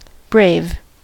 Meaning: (adjective) 1. Strong in the face of fear; courageous 2. Having any sort of superiority or excellence 3. Making a fine show or display 4. Foolish or unwise; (noun) A Native American warrior
- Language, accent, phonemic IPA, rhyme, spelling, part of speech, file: English, US, /bɹeɪv/, -eɪv, brave, adjective / noun / verb, En-us-brave.ogg